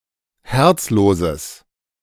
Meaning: strong/mixed nominative/accusative neuter singular of herzlos
- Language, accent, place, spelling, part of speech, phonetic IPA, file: German, Germany, Berlin, herzloses, adjective, [ˈhɛʁt͡sˌloːzəs], De-herzloses.ogg